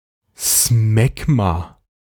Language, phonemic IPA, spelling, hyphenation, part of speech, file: German, /ˈsmɛɡma/, Smegma, Smeg‧ma, noun, De-Smegma.ogg
- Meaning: smegma